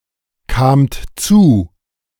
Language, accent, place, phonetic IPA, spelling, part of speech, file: German, Germany, Berlin, [kaːmt ˈt͡suː], kamt zu, verb, De-kamt zu.ogg
- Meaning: second-person plural preterite of zukommen